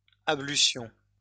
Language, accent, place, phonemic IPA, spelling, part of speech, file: French, France, Lyon, /a.bly.sjɔ̃/, ablutions, noun, LL-Q150 (fra)-ablutions.wav
- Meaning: 1. plural of ablution 2. the washing of the body, particularly a ritual one; an ablution